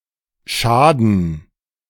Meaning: 1. to hurt, to be harmful 2. to damage, to harm, to hurt
- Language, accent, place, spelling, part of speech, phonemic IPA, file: German, Germany, Berlin, schaden, verb, /ˈʃaːdn̩/, De-schaden2.ogg